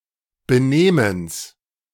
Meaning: genitive singular of Benehmen
- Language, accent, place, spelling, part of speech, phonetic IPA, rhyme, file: German, Germany, Berlin, Benehmens, noun, [bəˈneːməns], -eːməns, De-Benehmens.ogg